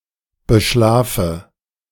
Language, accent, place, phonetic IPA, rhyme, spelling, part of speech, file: German, Germany, Berlin, [bəˈʃlaːfə], -aːfə, beschlafe, verb, De-beschlafe.ogg
- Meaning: inflection of beschlafen: 1. first-person singular present 2. first/third-person singular subjunctive I 3. singular imperative